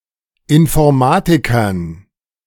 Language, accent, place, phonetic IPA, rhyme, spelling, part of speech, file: German, Germany, Berlin, [ɪnfɔʁˈmaːtɪkɐn], -aːtɪkɐn, Informatikern, noun, De-Informatikern.ogg
- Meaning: dative plural of Informatiker